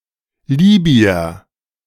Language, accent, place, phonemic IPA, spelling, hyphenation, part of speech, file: German, Germany, Berlin, /ˈliːby̆ɐ/, Libyer, Li‧by‧er, noun, De-Libyer.ogg
- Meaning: Libyan (person from Libya)